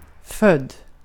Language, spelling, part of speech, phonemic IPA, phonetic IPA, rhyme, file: Swedish, född, verb / adjective, /fœd/, [fœ̝dː], -œdː, Sv-född.ogg
- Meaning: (verb) past participle of föda; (adjective) born